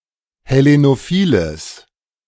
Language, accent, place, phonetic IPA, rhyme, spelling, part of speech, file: German, Germany, Berlin, [hɛˌlenoˈfiːləs], -iːləs, hellenophiles, adjective, De-hellenophiles.ogg
- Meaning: strong/mixed nominative/accusative neuter singular of hellenophil